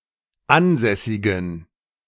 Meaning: inflection of ansässig: 1. strong genitive masculine/neuter singular 2. weak/mixed genitive/dative all-gender singular 3. strong/weak/mixed accusative masculine singular 4. strong dative plural
- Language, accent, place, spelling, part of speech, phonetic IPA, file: German, Germany, Berlin, ansässigen, adjective, [ˈanˌzɛsɪɡn̩], De-ansässigen.ogg